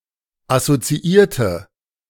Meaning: inflection of assoziieren: 1. first/third-person singular preterite 2. first/third-person singular subjunctive II
- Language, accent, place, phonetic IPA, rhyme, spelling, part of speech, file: German, Germany, Berlin, [asot͡siˈiːɐ̯tə], -iːɐ̯tə, assoziierte, adjective / verb, De-assoziierte.ogg